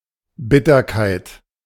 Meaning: 1. bitterness (the quality of having a bitter taste) 2. bitterness, acrimony (the quality of being or feeling sad, bitter, embittered)
- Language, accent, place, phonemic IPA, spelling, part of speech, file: German, Germany, Berlin, /ˈbɪtɐkaɪ̯t/, Bitterkeit, noun, De-Bitterkeit.ogg